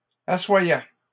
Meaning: first/second-person singular imperfect indicative of asseoir
- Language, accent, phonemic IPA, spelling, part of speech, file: French, Canada, /a.swa.jɛ/, assoyais, verb, LL-Q150 (fra)-assoyais.wav